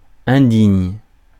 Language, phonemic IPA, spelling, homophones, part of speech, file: French, /ɛ̃.diɲ/, indigne, indignent / indignes, adjective / verb, Fr-indigne.ogg
- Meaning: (adjective) 1. unworthy 2. disgraceful; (verb) inflection of indigner: 1. first/third-person singular present indicative/subjunctive 2. second-person singular imperative